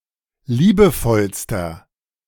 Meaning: inflection of liebevoll: 1. strong/mixed nominative masculine singular superlative degree 2. strong genitive/dative feminine singular superlative degree 3. strong genitive plural superlative degree
- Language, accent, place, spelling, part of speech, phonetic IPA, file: German, Germany, Berlin, liebevollster, adjective, [ˈliːbəˌfɔlstɐ], De-liebevollster.ogg